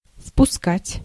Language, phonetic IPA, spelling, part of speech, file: Russian, [fpʊˈskatʲ], впускать, verb, Ru-впускать.ogg
- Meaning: to let in, to admit